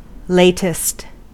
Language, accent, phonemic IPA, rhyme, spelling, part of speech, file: English, US, /ˈleɪ.tɪst/, -eɪtɪst, latest, adjective / adverb / noun, En-us-latest.ogg
- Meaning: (adjective) 1. superlative form of late: most late 2. Last, final 3. Most recent; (adverb) At the latest; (noun) The most recent thing, particularly information or news